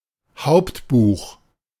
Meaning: ledger
- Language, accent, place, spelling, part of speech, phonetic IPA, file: German, Germany, Berlin, Hauptbuch, noun, [ˈhaʊ̯ptˌbuːx], De-Hauptbuch.ogg